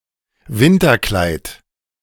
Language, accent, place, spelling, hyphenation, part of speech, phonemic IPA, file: German, Germany, Berlin, Winterkleid, Win‧ter‧kleid, noun, /ˈvɪntɐˌklaɪ̯t/, De-Winterkleid.ogg
- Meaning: 1. winterdress 2. winter plumage